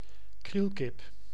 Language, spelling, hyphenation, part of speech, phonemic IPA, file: Dutch, krielkip, kriel‧kip, noun, /ˈkril.kɪp/, Nl-krielkip.ogg
- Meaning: bantam (small chicken)